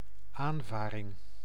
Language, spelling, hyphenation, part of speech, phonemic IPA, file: Dutch, aanvaring, aan‧va‧ring, noun, /ˈaːnˌvaː.rɪŋ/, Nl-aanvaring.ogg
- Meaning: 1. collision involving at least one vessel 2. fight or dispute, confrontation (mostly but not always verbal)